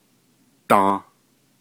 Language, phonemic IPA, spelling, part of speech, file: Navajo, /tɑ̃̀/, dą, noun, Nv-dą.ogg
- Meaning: spring (season)